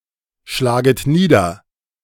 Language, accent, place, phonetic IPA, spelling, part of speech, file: German, Germany, Berlin, [ˌʃlaːɡət ˈniːdɐ], schlaget nieder, verb, De-schlaget nieder.ogg
- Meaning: second-person plural subjunctive I of niederschlagen